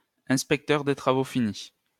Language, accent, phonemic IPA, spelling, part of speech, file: French, France, /ɛ̃s.pɛk.tœʁ de tʁa.vo fi.ni/, inspecteur des travaux finis, noun, LL-Q150 (fra)-inspecteur des travaux finis.wav
- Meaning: Monday-morning quarterback